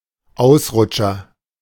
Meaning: 1. slip (An act or instance of slipping on a slippery surface.) 2. lapsus, gaffe
- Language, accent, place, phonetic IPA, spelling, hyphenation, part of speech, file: German, Germany, Berlin, [ˈaʊ̯sˌʀʊt͡ʃɐ], Ausrutscher, Aus‧rut‧scher, noun, De-Ausrutscher.ogg